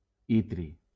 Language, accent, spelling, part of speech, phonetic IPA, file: Catalan, Valencia, itri, noun, [ˈi.tɾi], LL-Q7026 (cat)-itri.wav
- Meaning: yttrium